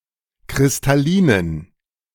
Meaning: inflection of kristallin: 1. strong genitive masculine/neuter singular 2. weak/mixed genitive/dative all-gender singular 3. strong/weak/mixed accusative masculine singular 4. strong dative plural
- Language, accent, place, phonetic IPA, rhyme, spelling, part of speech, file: German, Germany, Berlin, [kʁɪstaˈliːnən], -iːnən, kristallinen, adjective, De-kristallinen.ogg